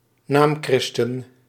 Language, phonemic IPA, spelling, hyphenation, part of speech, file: Dutch, /ˈnaːmˌkrɪs.tən/, naamchristen, naam‧chris‧ten, noun, Nl-naamchristen.ogg
- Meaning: false Christian, a Christian (practising or nominal) who doesn't adhere to orthodox Pietist standards